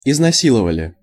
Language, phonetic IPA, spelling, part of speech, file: Russian, [ɪznɐˈsʲiɫəvəlʲɪ], изнасиловали, verb, Ru-изнасиловали.ogg
- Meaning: plural past indicative perfective of изнаси́ловать (iznasílovatʹ)